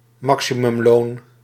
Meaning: maximum wage
- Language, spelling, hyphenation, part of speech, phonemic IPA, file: Dutch, maximumloon, ma‧xi‧mum‧loon, noun, /ˈmɑk.si.mʏmˌloːn/, Nl-maximumloon.ogg